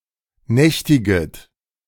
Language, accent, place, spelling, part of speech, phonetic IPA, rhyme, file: German, Germany, Berlin, nächtiget, verb, [ˈnɛçtɪɡət], -ɛçtɪɡət, De-nächtiget.ogg
- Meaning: second-person plural subjunctive I of nächtigen